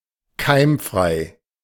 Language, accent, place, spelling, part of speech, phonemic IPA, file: German, Germany, Berlin, keimfrei, adjective, /ˈkaɪ̯mˌfʁaɪ̯/, De-keimfrei.ogg
- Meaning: germfree, sterile, aseptic